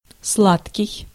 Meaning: 1. sweet (having a pleasant taste) 2. sugary
- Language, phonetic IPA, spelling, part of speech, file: Russian, [ˈsɫatkʲɪj], сладкий, adjective, Ru-сладкий.ogg